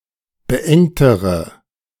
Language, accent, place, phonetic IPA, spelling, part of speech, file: German, Germany, Berlin, [bəˈʔɛŋtəʁə], beengtere, adjective, De-beengtere.ogg
- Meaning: inflection of beengt: 1. strong/mixed nominative/accusative feminine singular comparative degree 2. strong nominative/accusative plural comparative degree